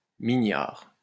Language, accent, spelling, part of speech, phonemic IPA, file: French, France, mignard, adjective, /mi.ɲaʁ/, LL-Q150 (fra)-mignard.wav
- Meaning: 1. graceful, delicate 2. cute 3. kind, affectionate